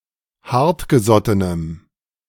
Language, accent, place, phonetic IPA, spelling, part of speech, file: German, Germany, Berlin, [ˈhaʁtɡəˌzɔtənəm], hartgesottenem, adjective, De-hartgesottenem.ogg
- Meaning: strong dative masculine/neuter singular of hartgesotten